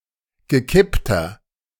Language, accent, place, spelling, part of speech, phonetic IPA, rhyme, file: German, Germany, Berlin, gekippter, adjective, [ɡəˈkɪptɐ], -ɪptɐ, De-gekippter.ogg
- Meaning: inflection of gekippt: 1. strong/mixed nominative masculine singular 2. strong genitive/dative feminine singular 3. strong genitive plural